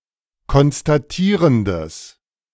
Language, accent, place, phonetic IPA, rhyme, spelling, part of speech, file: German, Germany, Berlin, [kɔnstaˈtiːʁəndəs], -iːʁəndəs, konstatierendes, adjective, De-konstatierendes.ogg
- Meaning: strong/mixed nominative/accusative neuter singular of konstatierend